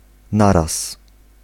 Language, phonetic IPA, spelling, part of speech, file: Polish, [ˈnaras], naraz, adverb, Pl-naraz.ogg